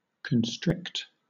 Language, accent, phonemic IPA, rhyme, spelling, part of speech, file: English, Southern England, /kənˈstɹɪkt/, -ɪkt, constrict, verb, LL-Q1860 (eng)-constrict.wav
- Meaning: 1. To narrow, especially by application of pressure 2. To coil around (prey) in order to asphyxiate it. (of a snake) 3. To limit or restrict